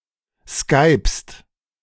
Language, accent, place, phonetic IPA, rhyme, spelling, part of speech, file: German, Germany, Berlin, [skaɪ̯pst], -aɪ̯pst, skypst, verb, De-skypst.ogg
- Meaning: second-person singular present of skypen